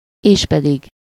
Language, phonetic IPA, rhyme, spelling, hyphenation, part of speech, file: Hungarian, [ˈeːʃpɛdiɡ], -iɡ, éspedig, és‧pe‧dig, conjunction, Hu-éspedig.ogg
- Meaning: 1. namely, that is, viz 2. moreover, at that, in addition